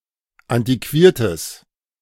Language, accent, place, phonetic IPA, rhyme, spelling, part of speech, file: German, Germany, Berlin, [ˌantiˈkviːɐ̯təs], -iːɐ̯təs, antiquiertes, adjective, De-antiquiertes.ogg
- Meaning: strong/mixed nominative/accusative neuter singular of antiquiert